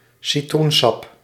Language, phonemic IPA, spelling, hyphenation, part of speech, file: Dutch, /siˈtrunˌsɑp/, citroensap, ci‧troen‧sap, noun, Nl-citroensap.ogg
- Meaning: lemon juice